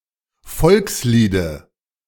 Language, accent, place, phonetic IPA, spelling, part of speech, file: German, Germany, Berlin, [ˈfɔlksˌliːdə], Volksliede, noun, De-Volksliede.ogg
- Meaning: dative of Volkslied